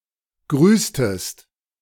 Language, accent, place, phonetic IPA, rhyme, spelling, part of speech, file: German, Germany, Berlin, [ˈɡʁyːstəst], -yːstəst, grüßtest, verb, De-grüßtest.ogg
- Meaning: inflection of grüßen: 1. second-person singular preterite 2. second-person singular subjunctive II